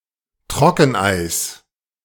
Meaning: dry ice
- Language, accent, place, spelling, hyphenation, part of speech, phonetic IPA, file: German, Germany, Berlin, Trockeneis, Tro‧cken‧eis, noun, [ˈtʁɔkn̩ʔaɪ̯s], De-Trockeneis.ogg